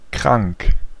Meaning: 1. ill, sick (in bad health) 2. sick, morally or mentally degenerate 3. very interesting or unusual (in the positive or negative); sick
- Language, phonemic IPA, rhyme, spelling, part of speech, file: German, /kʁaŋk/, -aŋk, krank, adjective, De-krank.ogg